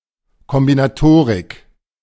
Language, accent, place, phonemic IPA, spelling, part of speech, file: German, Germany, Berlin, /kɔmbinaˈtoːʁɪk/, Kombinatorik, noun, De-Kombinatorik.ogg
- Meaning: combinatorics